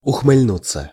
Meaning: to smirk, to grin
- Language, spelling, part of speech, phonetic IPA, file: Russian, ухмыльнуться, verb, [ʊxmɨlʲˈnut͡sːə], Ru-ухмыльнуться.ogg